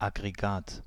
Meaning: 1. a system (set of devices or mechanisms designed to perform a single task) 2. aggregate (mass of mineral crystals) 3. a species complex (collection of similar species)
- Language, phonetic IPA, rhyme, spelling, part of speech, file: German, [ˌaɡʁeˈɡaːt], -aːt, Aggregat, noun, De-Aggregat.ogg